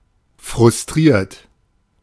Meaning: 1. past participle of frustrieren 2. inflection of frustrieren: second-person plural present 3. inflection of frustrieren: third-person singular present 4. inflection of frustrieren: plural imperative
- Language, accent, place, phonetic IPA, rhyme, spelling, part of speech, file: German, Germany, Berlin, [fʁʊsˈtʁiːɐ̯t], -iːɐ̯t, frustriert, adjective, De-frustriert.ogg